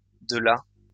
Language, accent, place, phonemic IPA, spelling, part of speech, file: French, France, Lyon, /də la/, de la, article, LL-Q150 (fra)-de la.wav
- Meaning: 1. of the 2. some; the feminine partitive article